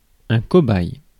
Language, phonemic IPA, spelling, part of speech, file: French, /kɔ.baj/, cobaye, noun, Fr-cobaye.ogg
- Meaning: 1. guinea pig 2. guinea pig (a living experimental subject)